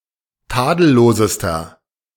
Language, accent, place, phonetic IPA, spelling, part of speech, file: German, Germany, Berlin, [ˈtaːdl̩ˌloːzəstɐ], tadellosester, adjective, De-tadellosester.ogg
- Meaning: inflection of tadellos: 1. strong/mixed nominative masculine singular superlative degree 2. strong genitive/dative feminine singular superlative degree 3. strong genitive plural superlative degree